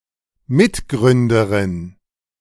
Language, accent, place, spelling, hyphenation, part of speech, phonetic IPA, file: German, Germany, Berlin, Mitgründerin, Mit‧grün‧de‧rin, noun, [ˈmɪtˌɡʁʏndəʁɪn], De-Mitgründerin.ogg
- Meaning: female equivalent of Mitgründer